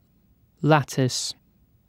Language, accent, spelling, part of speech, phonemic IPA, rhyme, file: English, UK, lattice, noun / verb, /ˈlæt.ɪs/, -ætɪs, En-uk-lattice.ogg
- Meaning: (noun) A flat panel constructed with widely-spaced crossed thin strips of wood or other material, commonly used as a garden trellis